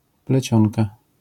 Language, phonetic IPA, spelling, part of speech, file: Polish, [plɛˈt͡ɕɔ̃nka], plecionka, noun, LL-Q809 (pol)-plecionka.wav